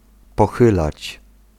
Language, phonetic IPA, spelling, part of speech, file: Polish, [pɔˈxɨlat͡ɕ], pochylać, verb, Pl-pochylać.ogg